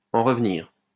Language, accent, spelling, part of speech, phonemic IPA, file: French, France, en revenir, verb, /ɑ̃ ʁə.v(ə).niʁ/, LL-Q150 (fra)-en revenir.wav
- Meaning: 1. to believe; to be able to believe (something incredible) 2. to get over something